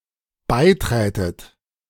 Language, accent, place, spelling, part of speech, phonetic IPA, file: German, Germany, Berlin, beiträtet, verb, [ˈbaɪ̯ˌtʁɛːtət], De-beiträtet.ogg
- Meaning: second-person plural dependent subjunctive II of beitreten